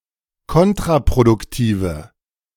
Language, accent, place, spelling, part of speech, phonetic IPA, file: German, Germany, Berlin, kontraproduktive, adjective, [ˈkɔntʁapʁodʊkˌtiːvə], De-kontraproduktive.ogg
- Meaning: inflection of kontraproduktiv: 1. strong/mixed nominative/accusative feminine singular 2. strong nominative/accusative plural 3. weak nominative all-gender singular